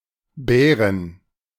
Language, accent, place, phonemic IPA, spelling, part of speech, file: German, Germany, Berlin, /bɛːʁən/, Bären, noun, De-Bären.ogg
- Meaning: inflection of Bär: 1. genitive/accusative/dative singular 2. all-case plural